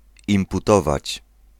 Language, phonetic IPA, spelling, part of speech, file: Polish, [ˌĩmpuˈtɔvat͡ɕ], imputować, verb, Pl-imputować.ogg